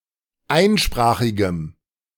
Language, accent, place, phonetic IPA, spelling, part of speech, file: German, Germany, Berlin, [ˈaɪ̯nˌʃpʁaːxɪɡəm], einsprachigem, adjective, De-einsprachigem.ogg
- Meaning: strong dative masculine/neuter singular of einsprachig